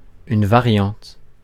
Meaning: variant
- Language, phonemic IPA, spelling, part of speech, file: French, /va.ʁjɑ̃t/, variante, noun, Fr-variante.ogg